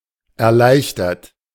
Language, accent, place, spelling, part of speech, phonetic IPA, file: German, Germany, Berlin, erleichtert, adjective / verb, [ɛɐ̯ˈlaɪ̯çtɐt], De-erleichtert.ogg
- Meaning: 1. past participle of erleichtern 2. inflection of erleichtern: third-person singular present 3. inflection of erleichtern: second-person plural present 4. inflection of erleichtern: plural imperative